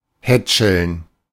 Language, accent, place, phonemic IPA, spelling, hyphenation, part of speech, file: German, Germany, Berlin, /ˈhɛt͡ʃl̩n/, hätscheln, hät‧scheln, verb, De-hätscheln.ogg
- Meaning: 1. to fondle, feel up 2. to pamper